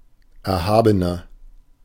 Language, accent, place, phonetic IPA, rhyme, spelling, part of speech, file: German, Germany, Berlin, [ˌɛɐ̯ˈhaːbənɐ], -aːbənɐ, erhabener, adjective, De-erhabener.ogg
- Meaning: 1. comparative degree of erhaben 2. inflection of erhaben: strong/mixed nominative masculine singular 3. inflection of erhaben: strong genitive/dative feminine singular